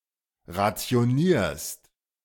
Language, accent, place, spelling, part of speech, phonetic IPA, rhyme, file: German, Germany, Berlin, rationierst, verb, [ʁat͡si̯oˈniːɐ̯st], -iːɐ̯st, De-rationierst.ogg
- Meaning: second-person singular present of rationieren